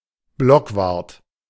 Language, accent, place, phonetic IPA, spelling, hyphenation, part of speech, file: German, Germany, Berlin, [ˈblɔkˌvaʁt], Blockwart, Block‧wart, noun, De-Blockwart.ogg
- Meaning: 1. neighborhood guard in Nazi Germany 2. a nosy person, especially a nosy neighbor